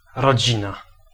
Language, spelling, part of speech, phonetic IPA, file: Polish, rodzina, noun, [rɔˈd͡ʑĩna], Pl-rodzina.ogg